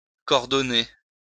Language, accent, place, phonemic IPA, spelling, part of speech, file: French, France, Lyon, /kɔʁ.dɔ.ne/, cordonner, verb, LL-Q150 (fra)-cordonner.wav
- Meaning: to twist into the form of a rope